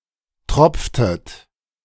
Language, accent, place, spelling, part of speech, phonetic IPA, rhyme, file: German, Germany, Berlin, tropftet, verb, [ˈtʁɔp͡ftət], -ɔp͡ftət, De-tropftet.ogg
- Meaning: inflection of tropfen: 1. second-person plural preterite 2. second-person plural subjunctive II